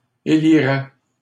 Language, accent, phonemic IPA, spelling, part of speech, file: French, Canada, /e.li.ʁɛ/, élirais, verb, LL-Q150 (fra)-élirais.wav
- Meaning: first/second-person singular conditional of élire